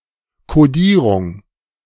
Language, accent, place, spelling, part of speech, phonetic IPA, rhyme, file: German, Germany, Berlin, Kodierung, noun, [koˈdiːʁʊŋ], -iːʁʊŋ, De-Kodierung.ogg
- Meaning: the act of encoding/coding something